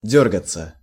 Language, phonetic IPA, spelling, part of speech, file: Russian, [ˈdʲɵrɡət͡sə], дёргаться, verb, Ru-дёргаться.ogg
- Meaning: 1. to twitch 2. to jitter 3. to fret, to fidget 4. to rush, to scurry, to scamper 5. passive of дёргать (djórgatʹ)